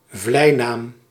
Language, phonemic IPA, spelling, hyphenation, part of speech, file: Dutch, /ˈvlɛi̯.naːm/, vleinaam, vlei‧naam, noun, Nl-vleinaam.ogg
- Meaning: pet name, name of endearment, nickname